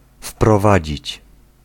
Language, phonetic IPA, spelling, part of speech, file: Polish, [fprɔˈvad͡ʑit͡ɕ], wprowadzić, verb, Pl-wprowadzić.ogg